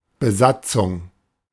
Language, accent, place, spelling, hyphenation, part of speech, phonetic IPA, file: German, Germany, Berlin, Besatzung, Be‧sat‧zung, noun, [bəˈzat͡sʊŋ], De-Besatzung.ogg
- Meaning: 1. crew (group of people operating a ship, plane, or large facility) 2. occupation (of a country) 3. occupational troops, occupational forces